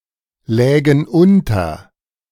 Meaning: first-person plural subjunctive II of unterliegen
- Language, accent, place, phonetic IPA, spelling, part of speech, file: German, Germany, Berlin, [ˌlɛːɡn̩ ˈʔʊntɐ], lägen unter, verb, De-lägen unter.ogg